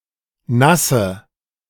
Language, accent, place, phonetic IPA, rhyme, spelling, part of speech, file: German, Germany, Berlin, [ˈnasə], -asə, Nasse, noun, De-Nasse.ogg
- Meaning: dative of Nass